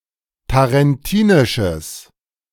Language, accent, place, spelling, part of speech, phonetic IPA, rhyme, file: German, Germany, Berlin, tarentinisches, adjective, [taʁɛnˈtiːnɪʃəs], -iːnɪʃəs, De-tarentinisches.ogg
- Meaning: strong/mixed nominative/accusative neuter singular of tarentinisch